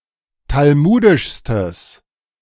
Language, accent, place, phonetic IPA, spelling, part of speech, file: German, Germany, Berlin, [talˈmuːdɪʃstəs], talmudischstes, adjective, De-talmudischstes.ogg
- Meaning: strong/mixed nominative/accusative neuter singular superlative degree of talmudisch